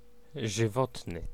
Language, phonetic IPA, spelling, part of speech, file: Polish, [ʒɨˈvɔtnɨ], żywotny, adjective, Pl-żywotny.ogg